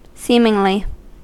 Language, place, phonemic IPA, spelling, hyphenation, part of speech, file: English, California, /ˈsimɪŋli/, seemingly, seem‧ing‧ly, adverb, En-us-seemingly.ogg
- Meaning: 1. As it appears; apparently 2. In a seemly manner; decorously; with propriety